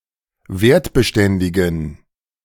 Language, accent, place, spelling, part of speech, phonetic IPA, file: German, Germany, Berlin, wertbeständigen, adjective, [ˈveːɐ̯tbəˌʃtɛndɪɡn̩], De-wertbeständigen.ogg
- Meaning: inflection of wertbeständig: 1. strong genitive masculine/neuter singular 2. weak/mixed genitive/dative all-gender singular 3. strong/weak/mixed accusative masculine singular 4. strong dative plural